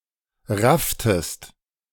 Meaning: inflection of raffen: 1. second-person singular preterite 2. second-person singular subjunctive II
- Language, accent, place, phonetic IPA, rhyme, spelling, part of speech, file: German, Germany, Berlin, [ˈʁaftəst], -aftəst, rafftest, verb, De-rafftest.ogg